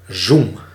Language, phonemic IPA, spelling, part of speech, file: Dutch, /zum/, zoem, noun / interjection / verb, Nl-zoem.ogg
- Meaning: inflection of zoemen: 1. first-person singular present indicative 2. second-person singular present indicative 3. imperative